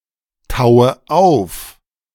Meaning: inflection of auftauen: 1. first-person singular present 2. first/third-person singular subjunctive I 3. singular imperative
- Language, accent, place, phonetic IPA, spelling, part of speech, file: German, Germany, Berlin, [ˌtaʊ̯ə ˈaʊ̯f], taue auf, verb, De-taue auf.ogg